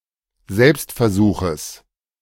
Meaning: genitive singular of Selbstversuch
- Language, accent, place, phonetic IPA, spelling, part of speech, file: German, Germany, Berlin, [ˈzɛlpstfɛɐ̯ˌzuːxəs], Selbstversuches, noun, De-Selbstversuches.ogg